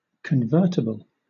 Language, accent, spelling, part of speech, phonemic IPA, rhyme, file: English, Southern England, convertible, adjective / noun, /kənˈvɜː(ɹ)təbəl/, -ɜː(ɹ)təbəl, LL-Q1860 (eng)-convertible.wav
- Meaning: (adjective) Able to be converted: 1. Able to be exchanged, one for the other, especially 2. Able to be exchanged, one for the other, especially: Able to be exchanged for specie